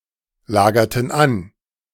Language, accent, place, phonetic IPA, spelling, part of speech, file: German, Germany, Berlin, [ˌlaːɡɐtn̩ ˈan], lagerten an, verb, De-lagerten an.ogg
- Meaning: inflection of anlagern: 1. first/third-person plural preterite 2. first/third-person plural subjunctive II